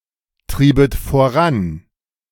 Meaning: second-person plural subjunctive II of vorantreiben
- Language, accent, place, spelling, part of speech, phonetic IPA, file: German, Germany, Berlin, triebet voran, verb, [ˌtʁiːbət foˈʁan], De-triebet voran.ogg